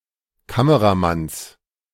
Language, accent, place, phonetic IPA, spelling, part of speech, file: German, Germany, Berlin, [ˈkaməʁaˌmans], Kameramanns, noun, De-Kameramanns.ogg
- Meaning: genitive singular of Kameramann